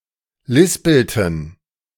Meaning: inflection of lispeln: 1. first/third-person plural preterite 2. first/third-person plural subjunctive II
- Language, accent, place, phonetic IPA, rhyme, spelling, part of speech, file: German, Germany, Berlin, [ˈlɪspl̩tn̩], -ɪspl̩tn̩, lispelten, verb, De-lispelten.ogg